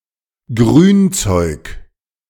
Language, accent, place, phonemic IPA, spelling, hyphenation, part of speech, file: German, Germany, Berlin, /ˈɡʁyːnˌt͡sɔɪ̯k/, Grünzeug, Grün‧zeug, noun, De-Grünzeug.ogg
- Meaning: 1. leaves, stems, and other plant material (garden waste, plant growths, etc.) 2. greens (such plant material specifically as part of a meal, salads, etc.)